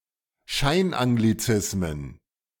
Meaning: plural of Scheinanglizismus
- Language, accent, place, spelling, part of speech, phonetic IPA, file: German, Germany, Berlin, Scheinanglizismen, noun, [ˈʃaɪ̯nʔaŋɡliˌt͡sɪsmən], De-Scheinanglizismen.ogg